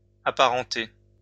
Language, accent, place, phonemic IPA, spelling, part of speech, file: French, France, Lyon, /a.pa.ʁɑ̃.te/, apparenté, adjective, LL-Q150 (fra)-apparenté.wav
- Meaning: related